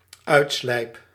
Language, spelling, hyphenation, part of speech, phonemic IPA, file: Dutch, uitslijp, uit‧slijp, verb, /ˈœy̯tˌslɛi̯p/, Nl-uitslijp.ogg
- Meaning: first-person singular dependent-clause present indicative of uitslijpen